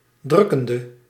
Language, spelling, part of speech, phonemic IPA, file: Dutch, drukkende, adjective / verb, /ˈdrʏ.kən.də/, Nl-drukkende.ogg
- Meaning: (adjective) inflection of drukkend: 1. masculine/feminine singular attributive 2. definite neuter singular attributive 3. plural attributive